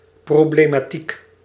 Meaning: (noun) collectively referring to all the problems concerning a certain issue in a certain field; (adjective) problematic
- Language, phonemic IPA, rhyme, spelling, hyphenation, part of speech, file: Dutch, /ˌproː.bleː.maːˈtik/, -ik, problematiek, pro‧ble‧ma‧tiek, noun / adjective, Nl-problematiek.ogg